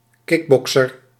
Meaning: a kickboxer, a practitioner of kickboxing
- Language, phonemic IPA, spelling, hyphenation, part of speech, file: Dutch, /ˈkɪkˌbɔksər/, kickbokser, kick‧bok‧ser, noun, Nl-kickbokser.ogg